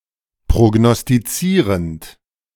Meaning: present participle of prognostizieren
- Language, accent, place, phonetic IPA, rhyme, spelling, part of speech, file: German, Germany, Berlin, [pʁoɡnɔstiˈt͡siːʁənt], -iːʁənt, prognostizierend, verb, De-prognostizierend.ogg